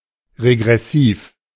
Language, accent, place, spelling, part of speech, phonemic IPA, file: German, Germany, Berlin, regressiv, adjective, /ʁeɡʁɛˈsiːf/, De-regressiv.ogg
- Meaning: regressive